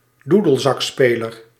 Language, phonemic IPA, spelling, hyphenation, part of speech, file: Dutch, /ˈdu.dəl.zɑkˌspeː.lər/, doedelzakspeler, doe‧del‧zak‧spe‧ler, noun, Nl-doedelzakspeler.ogg
- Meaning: a piper, who plays the bagpipes